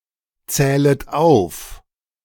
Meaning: second-person plural subjunctive I of aufzählen
- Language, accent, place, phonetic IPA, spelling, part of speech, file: German, Germany, Berlin, [ˌt͡sɛːlət ˈaʊ̯f], zählet auf, verb, De-zählet auf.ogg